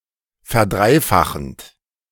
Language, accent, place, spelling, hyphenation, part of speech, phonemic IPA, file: German, Germany, Berlin, verdreifachend, ver‧drei‧fa‧chend, verb, /fɛɐ̯ˈdʁaɪ̯ˌfaxənt/, De-verdreifachend.ogg
- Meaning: present participle of verdreifachen